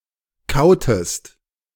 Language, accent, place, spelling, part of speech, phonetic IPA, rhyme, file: German, Germany, Berlin, kautest, verb, [ˈkaʊ̯təst], -aʊ̯təst, De-kautest.ogg
- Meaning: inflection of kauen: 1. second-person singular preterite 2. second-person singular subjunctive II